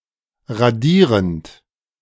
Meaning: present participle of radieren
- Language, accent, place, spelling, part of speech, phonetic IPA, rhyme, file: German, Germany, Berlin, radierend, verb, [ʁaˈdiːʁənt], -iːʁənt, De-radierend.ogg